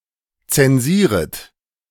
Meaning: second-person plural subjunctive I of zensieren
- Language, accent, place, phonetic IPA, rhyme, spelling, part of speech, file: German, Germany, Berlin, [ˌt͡sɛnˈziːʁət], -iːʁət, zensieret, verb, De-zensieret.ogg